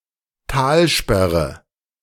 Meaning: dam, barrage
- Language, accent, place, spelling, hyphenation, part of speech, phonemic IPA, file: German, Germany, Berlin, Talsperre, Tal‧sper‧re, noun, /ˈtaːlˌʃpɛʁə/, De-Talsperre.ogg